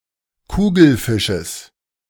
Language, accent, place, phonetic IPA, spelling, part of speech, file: German, Germany, Berlin, [ˈkuːɡl̩ˌfɪʃəs], Kugelfisches, noun, De-Kugelfisches.ogg
- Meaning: genitive singular of Kugelfisch